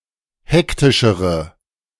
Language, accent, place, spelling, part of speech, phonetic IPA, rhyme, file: German, Germany, Berlin, hektischere, adjective, [ˈhɛktɪʃəʁə], -ɛktɪʃəʁə, De-hektischere.ogg
- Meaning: inflection of hektisch: 1. strong/mixed nominative/accusative feminine singular comparative degree 2. strong nominative/accusative plural comparative degree